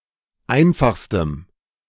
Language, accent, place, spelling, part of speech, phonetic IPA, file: German, Germany, Berlin, einfachstem, adjective, [ˈaɪ̯nfaxstəm], De-einfachstem.ogg
- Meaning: strong dative masculine/neuter singular superlative degree of einfach